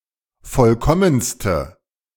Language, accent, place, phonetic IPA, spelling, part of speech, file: German, Germany, Berlin, [ˈfɔlkɔmənstə], vollkommenste, adjective, De-vollkommenste.ogg
- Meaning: inflection of vollkommen: 1. strong/mixed nominative/accusative feminine singular superlative degree 2. strong nominative/accusative plural superlative degree